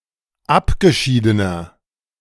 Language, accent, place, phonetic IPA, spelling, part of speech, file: German, Germany, Berlin, [ˈapɡəˌʃiːdənɐ], abgeschiedener, adjective, De-abgeschiedener.ogg
- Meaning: inflection of abgeschieden: 1. strong/mixed nominative masculine singular 2. strong genitive/dative feminine singular 3. strong genitive plural